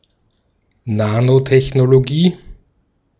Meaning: nanotechnology
- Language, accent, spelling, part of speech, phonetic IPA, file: German, Austria, Nanotechnologie, noun, [ˈnaːnotɛçnoloˌɡiː], De-at-Nanotechnologie.ogg